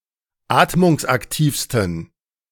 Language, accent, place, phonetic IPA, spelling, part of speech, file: German, Germany, Berlin, [ˈaːtmʊŋsʔakˌtiːfstn̩], atmungsaktivsten, adjective, De-atmungsaktivsten.ogg
- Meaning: 1. superlative degree of atmungsaktiv 2. inflection of atmungsaktiv: strong genitive masculine/neuter singular superlative degree